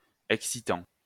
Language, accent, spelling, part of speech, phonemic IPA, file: French, France, excitant, verb / adjective / noun, /ɛk.si.tɑ̃/, LL-Q150 (fra)-excitant.wav
- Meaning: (verb) present participle of exciter; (adjective) 1. exciting (causing stimulation or excitement) 2. arousing; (noun) excitant; stimulant